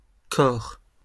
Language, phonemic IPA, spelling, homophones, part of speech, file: French, /kɔʁ/, cor, corps / cors, noun, LL-Q150 (fra)-cor.wav
- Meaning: 1. horn (musical instrument) 2. corn (of the foot)